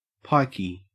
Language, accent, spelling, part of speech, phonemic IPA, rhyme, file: English, Australia, pikey, noun / adjective / verb, /ˈpaɪ.ki/, -aɪki, En-au-pikey.ogg
- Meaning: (noun) A pike (type of fish); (adjective) Associated with or filled with pike (fish); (noun) An itinerant person, especially one of Romani or Irish Traveller heritage